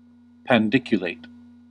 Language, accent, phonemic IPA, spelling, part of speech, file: English, US, /pænˈdɪk.jə.leɪt/, pandiculate, verb, En-us-pandiculate.ogg
- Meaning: To fully stretch the torso and upper limbs, typically accompanied by yawning